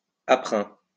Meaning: in the process of
- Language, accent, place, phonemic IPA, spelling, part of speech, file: French, France, Lyon, /a.pʁɛ̃/, aprin, adverb, LL-Q150 (fra)-aprin.wav